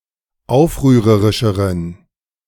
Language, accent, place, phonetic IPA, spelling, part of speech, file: German, Germany, Berlin, [ˈaʊ̯fʁyːʁəʁɪʃəʁən], aufrührerischeren, adjective, De-aufrührerischeren.ogg
- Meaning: inflection of aufrührerisch: 1. strong genitive masculine/neuter singular comparative degree 2. weak/mixed genitive/dative all-gender singular comparative degree